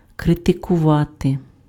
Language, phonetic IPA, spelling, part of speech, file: Ukrainian, [kretekʊˈʋate], критикувати, verb, Uk-критикувати.ogg
- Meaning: to criticize (find fault with)